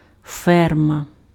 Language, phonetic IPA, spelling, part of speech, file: Ukrainian, [ˈfɛrmɐ], ферма, noun, Uk-ферма.ogg
- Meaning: farm